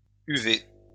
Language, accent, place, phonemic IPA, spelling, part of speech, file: French, France, Lyon, /y.ve/, uvée, noun, LL-Q150 (fra)-uvée.wav
- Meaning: uvea